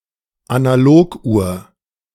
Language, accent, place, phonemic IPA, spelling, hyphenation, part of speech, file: German, Germany, Berlin, /anaˈloːkˌʔu(ː)ɐ̯/, Analoguhr, Ana‧log‧uhr, noun, De-Analoguhr.ogg
- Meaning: analog clock, analog watch